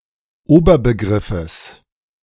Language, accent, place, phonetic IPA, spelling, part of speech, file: German, Germany, Berlin, [ˈoːbɐbəˌɡʁɪfəs], Oberbegriffes, noun, De-Oberbegriffes.ogg
- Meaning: genitive singular of Oberbegriff